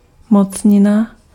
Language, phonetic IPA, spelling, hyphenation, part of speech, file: Czech, [ˈmot͡sɲɪna], mocnina, moc‧ni‧na, noun, Cs-mocnina.ogg
- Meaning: power